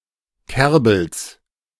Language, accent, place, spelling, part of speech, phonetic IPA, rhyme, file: German, Germany, Berlin, Kerbels, noun, [ˈkɛʁbl̩s], -ɛʁbl̩s, De-Kerbels.ogg
- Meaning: genitive singular of Kerbel